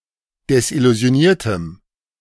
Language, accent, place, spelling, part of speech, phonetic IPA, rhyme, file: German, Germany, Berlin, desillusioniertem, adjective, [dɛsʔɪluzi̯oˈniːɐ̯təm], -iːɐ̯təm, De-desillusioniertem.ogg
- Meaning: strong dative masculine/neuter singular of desillusioniert